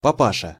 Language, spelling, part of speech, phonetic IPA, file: Russian, папаша, noun, [pɐˈpaʂə], Ru-папаша.ogg
- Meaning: 1. same as (папа) dad 2. familiar term of address for an (elderly) man